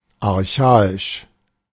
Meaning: archaic
- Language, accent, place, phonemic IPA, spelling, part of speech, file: German, Germany, Berlin, /arˈçaːɪʃ/, archaisch, adjective, De-archaisch.ogg